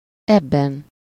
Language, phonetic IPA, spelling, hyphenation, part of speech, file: Hungarian, [ˈɛbːɛn], ebben, eb‧ben, pronoun / noun, Hu-ebben.ogg
- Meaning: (pronoun) inessive singular of ez, in this; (noun) inessive singular of eb